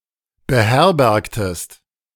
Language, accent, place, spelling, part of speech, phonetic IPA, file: German, Germany, Berlin, beherbergtest, verb, [bəˈhɛʁbɛʁktəst], De-beherbergtest.ogg
- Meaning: inflection of beherbergen: 1. second-person singular preterite 2. second-person singular subjunctive II